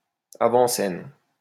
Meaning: plural of avant-scène
- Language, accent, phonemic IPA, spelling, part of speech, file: French, France, /a.vɑ̃.sɛn/, avant-scènes, noun, LL-Q150 (fra)-avant-scènes.wav